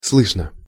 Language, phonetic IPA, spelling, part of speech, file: Russian, [ˈsɫɨʂnə], слышно, adverb / adjective, Ru-слышно.ogg
- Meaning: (adverb) audibly; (adjective) 1. it is audible, one can hear 2. it is known, there is information (in questions or negative constructions) 3. short neuter singular of слы́шный (slýšnyj, “audible”)